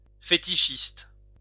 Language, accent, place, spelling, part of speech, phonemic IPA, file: French, France, Lyon, fétichiste, adjective / noun, /fe.ti.ʃist/, LL-Q150 (fra)-fétichiste.wav
- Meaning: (adjective) fetishistic; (noun) fetishist